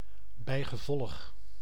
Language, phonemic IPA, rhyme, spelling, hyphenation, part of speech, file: Dutch, /ˌbɛi̯.ɣəˈvɔlx/, -ɔlx, bijgevolg, bij‧ge‧volg, adverb, Nl-bijgevolg.ogg
- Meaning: consequently